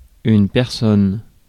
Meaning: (noun) person; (pronoun) 1. no one, nobody 2. anyone
- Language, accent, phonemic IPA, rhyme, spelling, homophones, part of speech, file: French, France, /pɛʁ.sɔn/, -ɔn, personne, personnes, noun / pronoun, Fr-personne.ogg